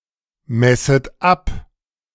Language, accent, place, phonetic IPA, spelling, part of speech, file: German, Germany, Berlin, [ˌmɛsət ˈap], messet ab, verb, De-messet ab.ogg
- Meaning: second-person plural subjunctive I of abmessen